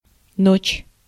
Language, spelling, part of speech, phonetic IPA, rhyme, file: Russian, ночь, noun, [not͡ɕ], -ot͡ɕ, Ru-ночь.ogg
- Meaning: night, nighttime (period of time from sundown to sunup)